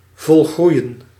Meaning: to mature, to become full-grown
- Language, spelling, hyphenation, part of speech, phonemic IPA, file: Dutch, volgroeien, vol‧groe‧ien, verb, /vɔlˈɣrui̯ə(n)/, Nl-volgroeien.ogg